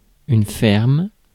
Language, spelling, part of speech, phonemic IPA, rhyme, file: French, ferme, adjective / noun / verb, /fɛʁm/, -ɛʁm, Fr-ferme.ogg
- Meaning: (adjective) firm; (noun) roof truss; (verb) inflection of fermer: 1. first/third-person singular present indicative/subjunctive 2. second-person singular imperative; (noun) farm